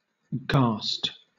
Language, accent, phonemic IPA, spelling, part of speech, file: English, Southern England, /ɡɑːst/, gast, verb, LL-Q1860 (eng)-gast.wav
- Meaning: To frighten